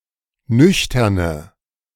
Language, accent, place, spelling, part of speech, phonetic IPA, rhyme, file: German, Germany, Berlin, nüchterne, adjective, [ˈnʏçtɐnə], -ʏçtɐnə, De-nüchterne.ogg
- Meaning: inflection of nüchtern: 1. strong/mixed nominative/accusative feminine singular 2. strong nominative/accusative plural 3. weak nominative all-gender singular